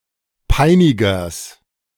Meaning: genitive singular of Peiniger
- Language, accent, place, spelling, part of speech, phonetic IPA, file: German, Germany, Berlin, Peinigers, noun, [ˈpaɪ̯nɪɡɐs], De-Peinigers.ogg